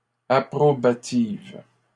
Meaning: feminine plural of approbatif
- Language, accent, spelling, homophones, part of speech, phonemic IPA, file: French, Canada, approbatives, approbative, adjective, /a.pʁɔ.ba.tiv/, LL-Q150 (fra)-approbatives.wav